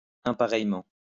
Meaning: differently
- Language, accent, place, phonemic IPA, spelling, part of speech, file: French, France, Lyon, /ɛ̃.pa.ʁɛj.mɑ̃/, impareillement, adverb, LL-Q150 (fra)-impareillement.wav